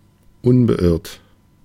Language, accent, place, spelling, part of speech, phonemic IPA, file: German, Germany, Berlin, unbeirrt, adjective, /ʊnbəˈʔɪʁt/, De-unbeirrt.ogg
- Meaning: unflustered, imperturbable